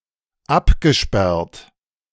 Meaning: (verb) past participle of absperren; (adjective) 1. locked 2. fenced off
- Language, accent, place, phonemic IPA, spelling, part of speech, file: German, Germany, Berlin, /ˈʔapɡəʃpɛɐ̯t/, abgesperrt, verb / adjective, De-abgesperrt.ogg